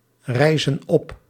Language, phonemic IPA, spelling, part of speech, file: Dutch, /ˈrɛizə(n) ˈɔp/, rijzen op, verb, Nl-rijzen op.ogg
- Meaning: inflection of oprijzen: 1. plural present indicative 2. plural present subjunctive